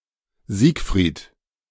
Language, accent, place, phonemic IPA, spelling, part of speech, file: German, Germany, Berlin, /ˈziːk.fʁiːt/, Siegfried, proper noun, De-Siegfried.ogg
- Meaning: 1. Siegfried 2. a male given name inherited from Middle High German Sîfrit